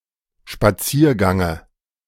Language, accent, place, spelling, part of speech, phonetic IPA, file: German, Germany, Berlin, Spaziergange, noun, [ʃpaˈt͡siːɐ̯ˌɡaŋə], De-Spaziergange.ogg
- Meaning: dative of Spaziergang